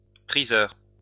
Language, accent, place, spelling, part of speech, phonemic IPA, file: French, France, Lyon, priseur, noun, /pʁi.zœʁ/, LL-Q150 (fra)-priseur.wav
- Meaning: auctioneer